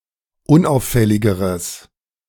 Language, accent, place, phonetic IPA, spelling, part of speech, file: German, Germany, Berlin, [ˈʊnˌʔaʊ̯fɛlɪɡəʁəs], unauffälligeres, adjective, De-unauffälligeres.ogg
- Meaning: strong/mixed nominative/accusative neuter singular comparative degree of unauffällig